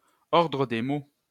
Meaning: word order (order of syntactic constituents)
- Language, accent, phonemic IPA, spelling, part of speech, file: French, France, /ɔʁ.dʁə de mo/, ordre des mots, noun, LL-Q150 (fra)-ordre des mots.wav